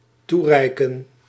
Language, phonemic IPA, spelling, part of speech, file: Dutch, /ˈturɛi̯kə(n)/, toereiken, verb, Nl-toereiken.ogg
- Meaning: 1. to give, hand over 2. to suffice